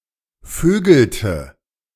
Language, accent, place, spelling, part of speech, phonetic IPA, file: German, Germany, Berlin, vögelte, verb, [ˈføːɡl̩tə], De-vögelte.ogg
- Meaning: inflection of vögeln: 1. first/third-person singular preterite 2. first/third-person singular subjunctive II